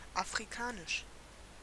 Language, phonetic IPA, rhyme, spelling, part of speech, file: German, [afʁiˈkaːnɪʃ], -aːnɪʃ, afrikanisch, adjective, De-afrikanisch.ogg
- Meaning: African